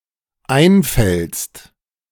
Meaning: second-person singular dependent present of einfallen
- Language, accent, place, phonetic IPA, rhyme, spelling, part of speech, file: German, Germany, Berlin, [ˈaɪ̯nˌfɛlst], -aɪ̯nfɛlst, einfällst, verb, De-einfällst.ogg